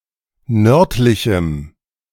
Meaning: strong dative masculine/neuter singular of nördlich
- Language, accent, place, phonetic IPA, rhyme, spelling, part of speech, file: German, Germany, Berlin, [ˈnœʁtlɪçm̩], -œʁtlɪçm̩, nördlichem, adjective, De-nördlichem.ogg